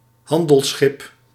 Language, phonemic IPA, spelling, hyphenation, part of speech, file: Dutch, /ˈɦɑn.dəlˌsxɪp/, handelsschip, han‧dels‧schip, noun, Nl-handelsschip.ogg
- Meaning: a trading ship, a merchant ship